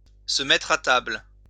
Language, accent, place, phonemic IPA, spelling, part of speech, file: French, France, Lyon, /sə mɛ.tʁ‿a tabl/, se mettre à table, verb, LL-Q150 (fra)-se mettre à table.wav
- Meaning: 1. to sit down at a table to eat 2. to sing, to confess under interrogation